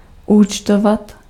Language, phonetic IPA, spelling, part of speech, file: Czech, [ˈuːt͡ʃtovat], účtovat, verb, Cs-účtovat.ogg
- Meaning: to charge (to assign a debit to an account)